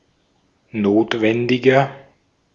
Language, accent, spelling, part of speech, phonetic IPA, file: German, Austria, notwendiger, adjective, [ˈnoːtvɛndɪɡɐ], De-at-notwendiger.ogg
- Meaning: 1. comparative degree of notwendig 2. inflection of notwendig: strong/mixed nominative masculine singular 3. inflection of notwendig: strong genitive/dative feminine singular